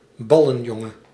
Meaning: a ball boy, who fetches balls and may perform other menial services to ball game players, notably at a tournament or luxurious club
- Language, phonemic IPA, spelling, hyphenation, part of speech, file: Dutch, /ˈbɑ.lə(n)ˌjɔ.ŋə(n)/, ballenjongen, bal‧len‧jon‧gen, noun, Nl-ballenjongen.ogg